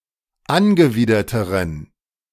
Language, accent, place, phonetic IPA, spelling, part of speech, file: German, Germany, Berlin, [ˈanɡəˌviːdɐtəʁən], angewiderteren, adjective, De-angewiderteren.ogg
- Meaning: inflection of angewidert: 1. strong genitive masculine/neuter singular comparative degree 2. weak/mixed genitive/dative all-gender singular comparative degree